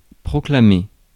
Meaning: to proclaim; to declare
- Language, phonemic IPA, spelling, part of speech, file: French, /pʁɔ.kla.me/, proclamer, verb, Fr-proclamer.ogg